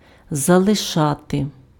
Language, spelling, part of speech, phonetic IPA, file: Ukrainian, залишати, verb, [zɐɫeˈʃate], Uk-залишати.ogg
- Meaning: 1. to leave (:somebody/something somewhere) 2. to abandon, to desert, to forsake 3. to quit